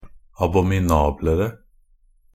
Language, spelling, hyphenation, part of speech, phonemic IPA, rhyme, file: Norwegian Bokmål, abominablere, a‧bo‧mi‧na‧ble‧re, adjective, /abɔmɪˈnɑːblərə/, -ərə, Nb-abominablere.ogg
- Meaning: comparative degree of abominabel